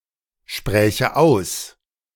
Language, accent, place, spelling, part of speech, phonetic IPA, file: German, Germany, Berlin, spräche aus, verb, [ˌʃpʁɛːçə ˈaʊ̯s], De-spräche aus.ogg
- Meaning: first/third-person singular subjunctive II of aussprechen